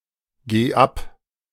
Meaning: singular imperative of abgehen
- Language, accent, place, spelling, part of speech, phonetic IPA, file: German, Germany, Berlin, geh ab, verb, [ˌɡeː ˈap], De-geh ab.ogg